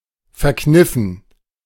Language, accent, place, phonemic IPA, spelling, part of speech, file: German, Germany, Berlin, /fɛɐ̯ˈknɪfn̩/, verkniffen, verb / adjective, De-verkniffen.ogg
- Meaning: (verb) past participle of verkneifen; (adjective) pinched (of a face)